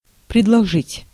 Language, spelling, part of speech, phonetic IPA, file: Russian, предложить, verb, [prʲɪdɫɐˈʐɨtʲ], Ru-предложить.ogg
- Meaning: 1. to offer, to proffer 2. to propose, to suggest, to proposition